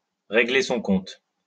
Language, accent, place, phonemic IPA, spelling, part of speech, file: French, France, Lyon, /ʁe.ɡle sɔ̃ kɔ̃t/, régler son compte, verb, LL-Q150 (fra)-régler son compte.wav
- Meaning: 1. to settle one's account 2. to deal with, to settle the score with, to give (someone) what is coming to them (often violently) 3. to sort out, to liquidate (to kill)